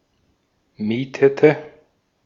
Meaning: inflection of mieten: 1. first/third-person singular preterite 2. first/third-person singular subjunctive II
- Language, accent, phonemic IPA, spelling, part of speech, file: German, Austria, /ˈmiːtətə/, mietete, verb, De-at-mietete.ogg